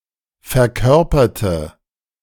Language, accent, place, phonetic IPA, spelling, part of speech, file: German, Germany, Berlin, [fɛɐ̯ˈkœʁpɐtə], verkörperte, adjective / verb, De-verkörperte.ogg
- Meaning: inflection of verkörpern: 1. first/third-person singular preterite 2. first/third-person singular subjunctive II